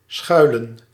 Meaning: 1. to take shelter 2. to lurk
- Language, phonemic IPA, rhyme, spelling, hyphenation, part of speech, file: Dutch, /ˈsxœy̯.lən/, -œy̯lən, schuilen, schui‧len, verb, Nl-schuilen.ogg